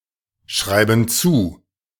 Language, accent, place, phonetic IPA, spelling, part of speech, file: German, Germany, Berlin, [ˌʃʁaɪ̯bn̩ ˈt͡suː], schreiben zu, verb, De-schreiben zu.ogg
- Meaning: inflection of zuschreiben: 1. first/third-person plural present 2. first/third-person plural subjunctive I